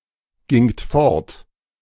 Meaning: second-person plural preterite of fortgehen
- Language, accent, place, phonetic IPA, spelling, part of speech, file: German, Germany, Berlin, [ˌɡɪŋt ˈfɔʁt], gingt fort, verb, De-gingt fort.ogg